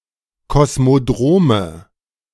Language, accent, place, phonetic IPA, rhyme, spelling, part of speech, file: German, Germany, Berlin, [kɔsmoˈdʁoːmə], -oːmə, Kosmodrome, noun, De-Kosmodrome.ogg
- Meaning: nominative/accusative/genitive plural of Kosmodrom